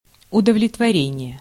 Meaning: satisfaction
- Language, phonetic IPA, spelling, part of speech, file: Russian, [ʊdəvlʲɪtvɐˈrʲenʲɪje], удовлетворение, noun, Ru-удовлетворение.ogg